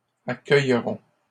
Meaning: third-person plural future of accueillir
- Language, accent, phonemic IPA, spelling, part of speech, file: French, Canada, /a.kœj.ʁɔ̃/, accueilleront, verb, LL-Q150 (fra)-accueilleront.wav